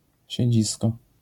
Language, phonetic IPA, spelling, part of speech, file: Polish, [ɕɛ̇ˈd͡ʑiskɔ], siedzisko, noun, LL-Q809 (pol)-siedzisko.wav